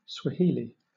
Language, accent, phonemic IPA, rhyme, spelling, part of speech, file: English, Southern England, /swəˈhiːli/, -hiːli, Swahili, proper noun / noun, LL-Q1860 (eng)-Swahili.wav